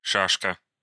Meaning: 1. checker, draughtsman (a piece in a game of checkers/draughts) 2. checkers/draughts (board game) 3. explosive charge, stick (e.g. of dynamite) 4. smoke grenade 5. paving block
- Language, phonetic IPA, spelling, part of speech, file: Russian, [ˈʂaʂkə], шашка, noun, Ru-шашка.ogg